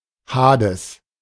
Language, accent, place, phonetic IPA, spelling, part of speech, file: German, Germany, Berlin, [ˈhaːdɛs], Hades, noun, De-Hades.ogg
- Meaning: 1. Hades (god) 2. Hades (underworld)